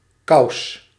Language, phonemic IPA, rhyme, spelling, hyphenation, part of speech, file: Dutch, /kɑu̯s/, -ɑu̯s, kous, kous, noun, Nl-kous.ogg
- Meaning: 1. stocking, long sock 2. sock 3. mantle (incandescent covering of a heat source) 4. condom 5. trousers, pants